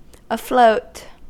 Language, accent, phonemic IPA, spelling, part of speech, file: English, US, /əˈfloʊt/, afloat, adverb / adjective / preposition, En-us-afloat.ogg
- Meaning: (adverb) 1. In or into a state of floating 2. In, or while in, a vessel at sea or on another body of water; at sea 3. Under water (bearing floating objects) 4. In or into circulation or currency